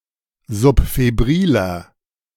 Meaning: inflection of subfebril: 1. strong/mixed nominative masculine singular 2. strong genitive/dative feminine singular 3. strong genitive plural
- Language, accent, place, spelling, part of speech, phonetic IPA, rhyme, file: German, Germany, Berlin, subfebriler, adjective, [zʊpfeˈbʁiːlɐ], -iːlɐ, De-subfebriler.ogg